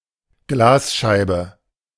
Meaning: pane (sheet of glass); windowpane
- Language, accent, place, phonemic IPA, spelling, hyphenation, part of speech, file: German, Germany, Berlin, /ˈɡlaːsˌʃaɪ̯bə/, Glasscheibe, Glas‧schei‧be, noun, De-Glasscheibe.ogg